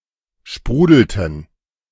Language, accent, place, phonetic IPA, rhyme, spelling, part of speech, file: German, Germany, Berlin, [ˈʃpʁuːdl̩tn̩], -uːdl̩tn̩, sprudelten, verb, De-sprudelten.ogg
- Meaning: inflection of sprudeln: 1. first/third-person plural preterite 2. first/third-person plural subjunctive II